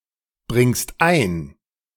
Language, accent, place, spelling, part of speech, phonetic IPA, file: German, Germany, Berlin, bringst ein, verb, [ˌbʁɪŋst ˈaɪ̯n], De-bringst ein.ogg
- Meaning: second-person singular present of einbringen